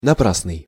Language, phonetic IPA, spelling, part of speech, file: Russian, [nɐˈprasnɨj], напрасный, adjective, Ru-напрасный.ogg
- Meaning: 1. in vain, idle, wasted, useless 2. wrongful, unjust (e.g. accusation)